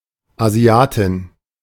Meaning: female Asian (girl or woman from Asia)
- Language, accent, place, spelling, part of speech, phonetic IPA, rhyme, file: German, Germany, Berlin, Asiatin, noun, [aˈzi̯aːtɪn], -aːtɪn, De-Asiatin.ogg